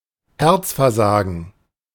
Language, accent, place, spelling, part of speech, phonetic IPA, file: German, Germany, Berlin, Herzversagen, noun, [ˈhɛʁt͡sfɛɐ̯ˌzaːɡn̩], De-Herzversagen.ogg
- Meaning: heart failure